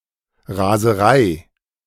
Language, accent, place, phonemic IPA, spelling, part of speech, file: German, Germany, Berlin, /ˌʁaːzəˈʁaɪ̯/, Raserei, noun, De-Raserei.ogg
- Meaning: 1. frenzy, fury, rage 2. speeding (driving faster than allowed)